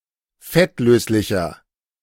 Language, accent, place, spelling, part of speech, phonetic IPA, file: German, Germany, Berlin, fettlöslicher, adjective, [ˈfɛtˌløːslɪçɐ], De-fettlöslicher.ogg
- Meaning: inflection of fettlöslich: 1. strong/mixed nominative masculine singular 2. strong genitive/dative feminine singular 3. strong genitive plural